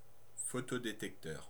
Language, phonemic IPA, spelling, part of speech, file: French, /fɔ.tɔ.de.tɛk.tœʁ/, photodétecteur, noun, Fr-photodétecteur.ogg
- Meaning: photodetector